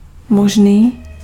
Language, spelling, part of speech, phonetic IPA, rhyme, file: Czech, mužný, adjective, [ˈmuʒniː], -uʒniː, Cs-mužný.ogg
- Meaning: 1. manly, masculine (having male qualities, not feminine or effeminate.) 2. manly, brave, courageous